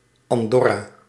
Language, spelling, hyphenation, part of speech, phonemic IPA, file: Dutch, Andorra, An‧dor‧ra, proper noun, /ˌɑnˈdɔ.raː/, Nl-Andorra.ogg
- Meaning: Andorra (a microstate in Southern Europe, between Spain and France)